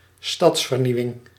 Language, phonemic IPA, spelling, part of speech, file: Dutch, /ˈstɑtsfərˌniwɪŋ/, stadsvernieuwing, noun, Nl-stadsvernieuwing.ogg
- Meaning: urban renewal